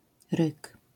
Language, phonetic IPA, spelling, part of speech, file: Polish, [rɨk], ryk, noun, LL-Q809 (pol)-ryk.wav